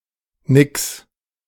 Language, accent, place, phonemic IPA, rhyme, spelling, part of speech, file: German, Germany, Berlin, /nɪks/, -ɪks, nix, pronoun / interjection, De-nix.ogg
- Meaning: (pronoun) alternative form of nichts (“nothing”); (interjection) no way!